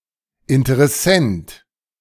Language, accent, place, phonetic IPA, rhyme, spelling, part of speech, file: German, Germany, Berlin, [ɪntəʁɛˈsɛnt], -ɛnt, Interessent, noun, De-Interessent.ogg
- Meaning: interested party, prospective buyer